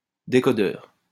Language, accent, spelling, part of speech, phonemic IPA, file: French, France, décodeur, noun, /de.kɔ.dœʁ/, LL-Q150 (fra)-décodeur.wav
- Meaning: decoder